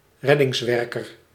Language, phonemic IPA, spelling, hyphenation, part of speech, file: Dutch, /ˈrɛ.dɪŋsˌʋɛr.kər/, reddingswerker, red‧dings‧wer‧ker, noun, Nl-reddingswerker.ogg
- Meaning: a rescue worker